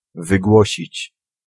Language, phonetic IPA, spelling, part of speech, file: Polish, [vɨˈɡwɔɕit͡ɕ], wygłosić, verb, Pl-wygłosić.ogg